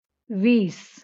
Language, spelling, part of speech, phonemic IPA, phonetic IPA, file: Marathi, वीस, numeral, /ʋis/, [ʋiːs], LL-Q1571 (mar)-वीस.wav
- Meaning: twenty